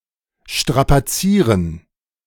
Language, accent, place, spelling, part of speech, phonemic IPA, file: German, Germany, Berlin, strapazieren, verb, /ʃtrapaˈtsiːrən/, De-strapazieren.ogg
- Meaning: 1. to strain, stress, tax, test, tire, exert greatly 2. to overuse, wear out (e.g. a phrase)